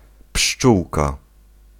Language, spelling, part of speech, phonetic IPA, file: Polish, pszczółka, noun, [ˈpʃt͡ʃuwka], Pl-pszczółka.ogg